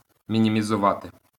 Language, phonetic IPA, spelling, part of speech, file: Ukrainian, [mʲinʲimʲizʊˈʋate], мінімізувати, verb, LL-Q8798 (ukr)-мінімізувати.wav
- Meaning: to minimize